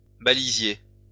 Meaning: 1. saka siri, Indian shot (of species Canna indica) 2. lobster claw (or similar plant of the genus Heliconia)
- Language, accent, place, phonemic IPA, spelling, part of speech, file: French, France, Lyon, /ba.li.zje/, balisier, noun, LL-Q150 (fra)-balisier.wav